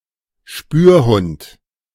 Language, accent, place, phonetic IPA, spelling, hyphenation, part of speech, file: German, Germany, Berlin, [ˈʃpyːɐ̯ˌhʊnt], Spürhund, Spür‧hund, noun, De-Spürhund.ogg
- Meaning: tracker dog, sniffer dog, detection dog